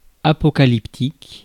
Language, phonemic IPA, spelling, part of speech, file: French, /a.pɔ.ka.lip.tik/, apocalyptique, adjective, Fr-apocalyptique.ogg
- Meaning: apocalyptic